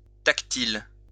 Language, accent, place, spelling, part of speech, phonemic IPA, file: French, France, Lyon, tactile, adjective, /tak.til/, LL-Q150 (fra)-tactile.wav
- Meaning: 1. tactile 2. haptic